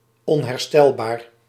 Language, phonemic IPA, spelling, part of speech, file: Dutch, /ˌɔnhɛrˈstɛlbar/, onherstelbaar, adjective, Nl-onherstelbaar.ogg
- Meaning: 1. irreparable 2. irredeemable